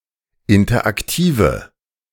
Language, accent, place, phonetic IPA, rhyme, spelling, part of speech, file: German, Germany, Berlin, [ˌɪntɐʔakˈtiːvə], -iːvə, interaktive, adjective, De-interaktive.ogg
- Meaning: inflection of interaktiv: 1. strong/mixed nominative/accusative feminine singular 2. strong nominative/accusative plural 3. weak nominative all-gender singular